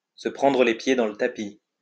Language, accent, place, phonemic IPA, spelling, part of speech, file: French, France, Lyon, /sə pʁɑ̃.dʁə le pje dɑ̃ l(ə) ta.pi/, se prendre les pieds dans le tapis, verb, LL-Q150 (fra)-se prendre les pieds dans le tapis.wav
- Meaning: to misstep, to trip up, to get into a muddle